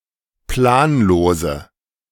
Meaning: inflection of planlos: 1. strong/mixed nominative/accusative feminine singular 2. strong nominative/accusative plural 3. weak nominative all-gender singular 4. weak accusative feminine/neuter singular
- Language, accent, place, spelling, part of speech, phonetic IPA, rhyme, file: German, Germany, Berlin, planlose, adjective, [ˈplaːnˌloːzə], -aːnloːzə, De-planlose.ogg